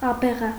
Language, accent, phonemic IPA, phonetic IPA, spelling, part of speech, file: Armenian, Eastern Armenian, /ɑbeˈʁɑ/, [ɑbeʁɑ́], աբեղա, noun, Hy-աբեղա.ogg
- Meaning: 1. abegha 2. hermit, recluse